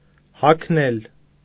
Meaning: 1. to put on clothes or shoes 2. to wear clothes or shoes 3. to quarrel, fight
- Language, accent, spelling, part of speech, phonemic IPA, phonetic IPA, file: Armenian, Eastern Armenian, հագնել, verb, /hɑkʰˈnel/, [hɑkʰnél], Hy-հագնել.ogg